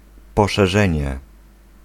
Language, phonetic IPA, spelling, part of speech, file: Polish, [ˌpɔʃɛˈʒɛ̃ɲɛ], poszerzenie, noun, Pl-poszerzenie.ogg